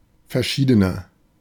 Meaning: inflection of verschieden: 1. strong/mixed nominative masculine singular 2. strong genitive/dative feminine singular 3. strong genitive plural
- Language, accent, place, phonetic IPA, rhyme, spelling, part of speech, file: German, Germany, Berlin, [fɛɐ̯ˈʃiːdənɐ], -iːdənɐ, verschiedener, adjective, De-verschiedener.ogg